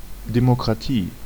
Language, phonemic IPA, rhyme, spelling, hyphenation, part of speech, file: German, /demokʁaˈtiː/, -iː, Demokratie, De‧mo‧kra‧tie, noun, De-Demokratie.ogg
- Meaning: democracy